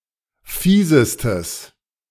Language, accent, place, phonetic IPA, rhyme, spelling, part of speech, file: German, Germany, Berlin, [ˈfiːzəstəs], -iːzəstəs, fiesestes, adjective, De-fiesestes.ogg
- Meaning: strong/mixed nominative/accusative neuter singular superlative degree of fies